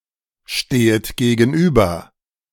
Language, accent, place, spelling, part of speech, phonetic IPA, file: German, Germany, Berlin, stehet gegenüber, verb, [ˌʃteːət ɡeːɡn̩ˈʔyːbɐ], De-stehet gegenüber.ogg
- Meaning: second-person plural subjunctive I of gegenüberstehen